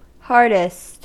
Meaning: superlative form of hard: most hard. Most rigid or most difficult
- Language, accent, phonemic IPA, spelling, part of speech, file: English, US, /ˈhɑɹdɪst/, hardest, adjective, En-us-hardest.ogg